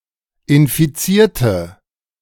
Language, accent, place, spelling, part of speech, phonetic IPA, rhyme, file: German, Germany, Berlin, infizierte, adjective / verb, [ɪnfiˈt͡siːɐ̯tə], -iːɐ̯tə, De-infizierte.ogg
- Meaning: inflection of infizieren: 1. first/third-person singular preterite 2. first/third-person singular subjunctive II